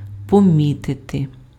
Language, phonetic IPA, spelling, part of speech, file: Ukrainian, [poˈmʲitete], помітити, verb, Uk-помітити.ogg
- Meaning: to notice, to note